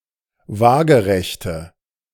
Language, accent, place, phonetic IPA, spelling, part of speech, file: German, Germany, Berlin, [ˈvaːɡəʁɛçtə], waagerechte, adjective, De-waagerechte.ogg
- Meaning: inflection of waagerecht: 1. strong/mixed nominative/accusative feminine singular 2. strong nominative/accusative plural 3. weak nominative all-gender singular